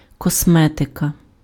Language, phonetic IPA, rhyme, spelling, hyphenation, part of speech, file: Ukrainian, [kɔsˈmɛtekɐ], -ɛtekɐ, косметика, кос‧ме‧ти‧ка, noun, Uk-косметика.ogg
- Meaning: cosmetics